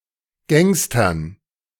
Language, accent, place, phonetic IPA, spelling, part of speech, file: German, Germany, Berlin, [ˈɡɛŋstɐn], Gangstern, noun, De-Gangstern.ogg
- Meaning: dative plural of Gangster